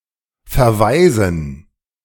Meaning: 1. to refer 2. to relegate 3. to eject; to expel
- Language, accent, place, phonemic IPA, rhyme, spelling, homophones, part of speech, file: German, Germany, Berlin, /fɛɐ̯ˈvaɪ̯zn̩/, -aɪ̯zn̩, verweisen, verwaisen, verb, De-verweisen.ogg